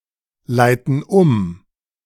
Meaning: inflection of umleiten: 1. first/third-person plural present 2. first/third-person plural subjunctive I
- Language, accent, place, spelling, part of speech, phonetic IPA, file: German, Germany, Berlin, leiten um, verb, [ˌlaɪ̯tn̩ ˈʊm], De-leiten um.ogg